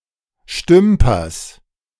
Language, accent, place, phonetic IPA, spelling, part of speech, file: German, Germany, Berlin, [ˈʃtʏmpɐs], Stümpers, noun, De-Stümpers.ogg
- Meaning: genitive of Stümper